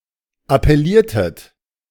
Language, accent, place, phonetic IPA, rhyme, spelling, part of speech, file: German, Germany, Berlin, [apɛˈliːɐ̯tət], -iːɐ̯tət, appelliertet, verb, De-appelliertet.ogg
- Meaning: inflection of appellieren: 1. second-person plural preterite 2. second-person plural subjunctive II